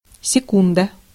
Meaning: 1. second (unit of time) 2. A second (unit of angle) 3. A second (musical interval) 4. a short amount of time
- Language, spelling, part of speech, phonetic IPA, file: Russian, секунда, noun, [sʲɪˈkundə], Ru-секунда.ogg